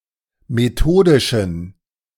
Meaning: inflection of methodisch: 1. strong genitive masculine/neuter singular 2. weak/mixed genitive/dative all-gender singular 3. strong/weak/mixed accusative masculine singular 4. strong dative plural
- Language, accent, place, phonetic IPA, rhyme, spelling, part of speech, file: German, Germany, Berlin, [meˈtoːdɪʃn̩], -oːdɪʃn̩, methodischen, adjective, De-methodischen.ogg